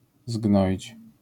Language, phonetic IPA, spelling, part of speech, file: Polish, [ˈzɡnɔʲit͡ɕ], zgnoić, verb, LL-Q809 (pol)-zgnoić.wav